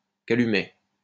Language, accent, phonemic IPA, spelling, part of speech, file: French, France, /ka.ly.mɛ/, calumet, noun, LL-Q150 (fra)-calumet.wav
- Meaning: calumet (clay tobacco-pipe used by American Indians, especially as a symbol of truce or peace)